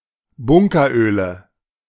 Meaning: nominative/accusative/genitive plural of Bunkeröl
- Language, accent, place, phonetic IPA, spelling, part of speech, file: German, Germany, Berlin, [ˈbʊŋkɐˌʔøːlə], Bunkeröle, noun, De-Bunkeröle.ogg